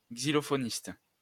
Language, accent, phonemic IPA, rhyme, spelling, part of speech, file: French, France, /ɡzi.lɔ.fɔ.nist/, -ist, xylophoniste, noun, LL-Q150 (fra)-xylophoniste.wav
- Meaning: xylophonist